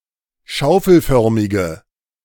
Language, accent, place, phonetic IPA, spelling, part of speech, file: German, Germany, Berlin, [ˈʃaʊ̯fl̩ˌfœʁmɪɡə], schaufelförmige, adjective, De-schaufelförmige.ogg
- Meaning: inflection of schaufelförmig: 1. strong/mixed nominative/accusative feminine singular 2. strong nominative/accusative plural 3. weak nominative all-gender singular